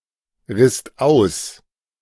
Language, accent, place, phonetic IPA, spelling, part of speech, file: German, Germany, Berlin, [ˌʁɪst ˈaʊ̯s], risst aus, verb, De-risst aus.ogg
- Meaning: second-person singular/plural preterite of ausreißen